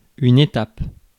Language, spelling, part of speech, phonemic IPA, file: French, étape, noun, /e.tap/, Fr-étape.ogg
- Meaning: 1. stage, stop (on a journey) 2. leg (of race) 3. step, stage